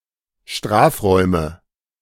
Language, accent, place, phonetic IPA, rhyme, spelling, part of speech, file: German, Germany, Berlin, [ˈʃtʁaːfˌʁɔɪ̯mə], -aːfʁɔɪ̯mə, Strafräume, noun, De-Strafräume.ogg
- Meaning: nominative/accusative/genitive plural of Strafraum